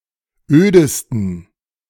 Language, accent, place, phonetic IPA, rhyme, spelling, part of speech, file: German, Germany, Berlin, [ˈøːdəstn̩], -øːdəstn̩, ödesten, adjective, De-ödesten.ogg
- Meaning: 1. superlative degree of öd 2. inflection of öd: strong genitive masculine/neuter singular superlative degree 3. inflection of öd: weak/mixed genitive/dative all-gender singular superlative degree